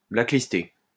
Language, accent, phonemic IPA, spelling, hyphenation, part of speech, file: French, France, /bla.klis.te/, blacklister, black‧lis‧ter, verb, LL-Q150 (fra)-blacklister.wav
- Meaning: to blacklist (to place on a blacklist)